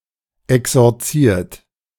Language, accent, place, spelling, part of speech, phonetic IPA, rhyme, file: German, Germany, Berlin, exorziert, verb, [ɛksɔʁˈt͡siːɐ̯t], -iːɐ̯t, De-exorziert.ogg
- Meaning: 1. past participle of exorzieren 2. inflection of exorzieren: third-person singular present 3. inflection of exorzieren: second-person plural present 4. inflection of exorzieren: plural imperative